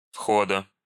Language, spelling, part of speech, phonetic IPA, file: Russian, входа, noun, [ˈfxodə], Ru-входа.ogg
- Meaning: genitive singular of вход (vxod)